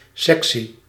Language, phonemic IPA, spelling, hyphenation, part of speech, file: Dutch, /ˈsɛk.si/, sexy, sexy, adjective, Nl-sexy.ogg
- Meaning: sexy